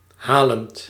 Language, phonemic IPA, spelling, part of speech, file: Dutch, /ˈhalənt/, halend, verb, Nl-halend.ogg
- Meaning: present participle of halen